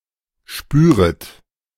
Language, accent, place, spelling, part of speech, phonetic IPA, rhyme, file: German, Germany, Berlin, spüret, verb, [ˈʃpyːʁət], -yːʁət, De-spüret.ogg
- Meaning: second-person plural subjunctive I of spüren